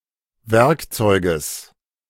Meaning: genitive singular of Werkzeug
- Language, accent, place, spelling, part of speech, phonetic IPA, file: German, Germany, Berlin, Werkzeuges, noun, [ˈvɛʁkˌt͡sɔɪ̯ɡəs], De-Werkzeuges.ogg